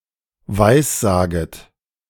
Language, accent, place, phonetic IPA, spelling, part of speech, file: German, Germany, Berlin, [ˈvaɪ̯sˌzaːɡət], weissaget, verb, De-weissaget.ogg
- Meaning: second-person plural subjunctive I of weissagen